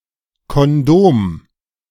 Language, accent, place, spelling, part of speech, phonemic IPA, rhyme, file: German, Germany, Berlin, Kondom, noun, /kɔnˈdoːm/, -oːm, De-Kondom2.ogg
- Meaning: condom